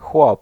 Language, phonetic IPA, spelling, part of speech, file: Polish, [xwɔp], chłop, noun, Pl-chłop.ogg